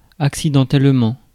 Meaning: accidentally (unexpectedly, unintentionally)
- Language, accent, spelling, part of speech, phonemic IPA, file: French, France, accidentellement, adverb, /ak.si.dɑ̃.tɛl.mɑ̃/, Fr-accidentellement.ogg